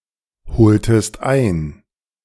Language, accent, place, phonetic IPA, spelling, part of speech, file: German, Germany, Berlin, [ˌhoːltəst ˈaɪ̯n], holtest ein, verb, De-holtest ein.ogg
- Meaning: inflection of einholen: 1. second-person singular preterite 2. second-person singular subjunctive II